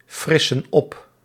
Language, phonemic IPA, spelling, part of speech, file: Dutch, /ˈfrɪsə(n) ˈɔp/, frissen op, verb, Nl-frissen op.ogg
- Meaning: inflection of opfrissen: 1. plural present indicative 2. plural present subjunctive